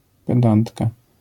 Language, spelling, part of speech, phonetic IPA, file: Polish, pedantka, noun, [pɛˈdãntka], LL-Q809 (pol)-pedantka.wav